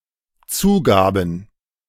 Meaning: first/third-person plural dependent preterite of zugeben
- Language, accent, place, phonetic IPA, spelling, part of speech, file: German, Germany, Berlin, [ˈt͡suːˌɡaːbn̩], zugaben, verb, De-zugaben.ogg